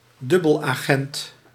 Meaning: double agent
- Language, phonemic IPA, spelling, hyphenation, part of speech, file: Dutch, /ˈdʏ.bəl.aːˌɣɛnt/, dubbelagent, dub‧bel‧agent, noun, Nl-dubbelagent.ogg